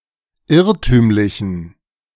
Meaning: inflection of irrtümlich: 1. strong genitive masculine/neuter singular 2. weak/mixed genitive/dative all-gender singular 3. strong/weak/mixed accusative masculine singular 4. strong dative plural
- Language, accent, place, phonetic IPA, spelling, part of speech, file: German, Germany, Berlin, [ˈɪʁtyːmlɪçn̩], irrtümlichen, adjective, De-irrtümlichen.ogg